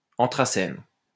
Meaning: anthracene
- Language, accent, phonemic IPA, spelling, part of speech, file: French, France, /ɑ̃.tʁa.sɛn/, anthracène, noun, LL-Q150 (fra)-anthracène.wav